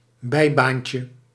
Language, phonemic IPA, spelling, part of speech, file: Dutch, /ˈbɛibancə/, bijbaantje, noun, Nl-bijbaantje.ogg
- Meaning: diminutive of bijbaan